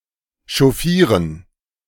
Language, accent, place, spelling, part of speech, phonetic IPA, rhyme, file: German, Germany, Berlin, chauffieren, verb, [ʃɔˈfiːʁən], -iːʁən, De-chauffieren.ogg
- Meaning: to chauffeur